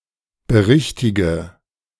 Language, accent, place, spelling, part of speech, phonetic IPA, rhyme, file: German, Germany, Berlin, berichtige, verb, [bəˈʁɪçtɪɡə], -ɪçtɪɡə, De-berichtige.ogg
- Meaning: inflection of berichtigen: 1. first-person singular present 2. first/third-person singular subjunctive I 3. singular imperative